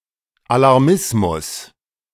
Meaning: alarmism
- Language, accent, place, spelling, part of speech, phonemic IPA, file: German, Germany, Berlin, Alarmismus, noun, /alaʁˈmɪsmʊs/, De-Alarmismus.ogg